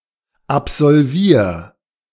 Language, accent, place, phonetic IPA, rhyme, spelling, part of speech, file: German, Germany, Berlin, [apzɔlˈviːɐ̯], -iːɐ̯, absolvier, verb, De-absolvier.ogg
- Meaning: 1. singular imperative of absolvieren 2. first-person singular present of absolvieren